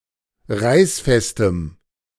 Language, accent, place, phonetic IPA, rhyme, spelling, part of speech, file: German, Germany, Berlin, [ˈʁaɪ̯sˌfɛstəm], -aɪ̯sfɛstəm, reißfestem, adjective, De-reißfestem.ogg
- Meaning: strong dative masculine/neuter singular of reißfest